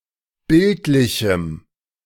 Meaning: strong dative masculine/neuter singular of bildlich
- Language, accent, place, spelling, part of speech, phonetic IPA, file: German, Germany, Berlin, bildlichem, adjective, [ˈbɪltlɪçm̩], De-bildlichem.ogg